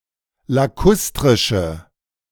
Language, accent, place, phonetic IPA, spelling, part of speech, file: German, Germany, Berlin, [laˈkʊstʁɪʃə], lakustrische, adjective, De-lakustrische.ogg
- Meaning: inflection of lakustrisch: 1. strong/mixed nominative/accusative feminine singular 2. strong nominative/accusative plural 3. weak nominative all-gender singular